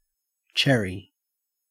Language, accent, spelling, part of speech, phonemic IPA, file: English, Australia, cherry, noun / adjective / verb, /ˈt͡ʃeɹi/, En-au-cherry.ogg
- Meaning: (noun) 1. A small fruit, usually red, black or yellow, with a smooth hard seed and a short hard stem 2. Prunus subg. Cerasus, trees or shrubs that bear cherries 3. The wood of a cherry tree